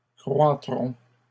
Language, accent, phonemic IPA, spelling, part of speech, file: French, Canada, /kʁwa.tʁɔ̃/, croîtront, verb, LL-Q150 (fra)-croîtront.wav
- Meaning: third-person plural future of croître